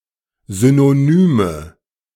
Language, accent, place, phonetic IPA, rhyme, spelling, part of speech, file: German, Germany, Berlin, [ˌzynoˈnyːmə], -yːmə, synonyme, adjective, De-synonyme.ogg
- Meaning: inflection of synonym: 1. strong/mixed nominative/accusative feminine singular 2. strong nominative/accusative plural 3. weak nominative all-gender singular 4. weak accusative feminine/neuter singular